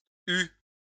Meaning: third-person singular past historic of avoir
- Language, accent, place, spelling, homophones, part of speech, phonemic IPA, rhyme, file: French, France, Lyon, eut, eu / eue / eues / eus / eût / hue / huent / hues / u / us, verb, /y/, -y, LL-Q150 (fra)-eut.wav